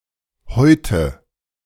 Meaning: inflection of häuten: 1. first-person singular present 2. first/third-person singular subjunctive I 3. singular imperative
- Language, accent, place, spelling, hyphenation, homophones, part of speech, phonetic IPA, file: German, Germany, Berlin, häute, häu‧te, heute / Häute, verb, [ˈhɔʏtə], De-häute.ogg